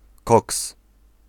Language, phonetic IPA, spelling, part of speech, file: Polish, [kɔks], koks, noun, Pl-koks.ogg